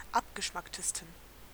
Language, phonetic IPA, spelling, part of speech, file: German, [ˈapɡəˌʃmaktəstn̩], abgeschmacktesten, adjective, De-abgeschmacktesten.ogg
- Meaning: 1. superlative degree of abgeschmackt 2. inflection of abgeschmackt: strong genitive masculine/neuter singular superlative degree